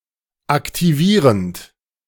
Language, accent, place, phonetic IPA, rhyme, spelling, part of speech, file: German, Germany, Berlin, [aktiˈviːʁənt], -iːʁənt, aktivierend, verb, De-aktivierend.ogg
- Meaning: present participle of aktivieren